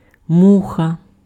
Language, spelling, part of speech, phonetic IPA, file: Ukrainian, муха, noun, [ˈmuxɐ], Uk-муха.ogg
- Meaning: fly (insect)